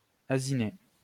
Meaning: to play the fool
- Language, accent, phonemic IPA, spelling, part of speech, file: French, France, /a.zi.ne/, asiner, verb, LL-Q150 (fra)-asiner.wav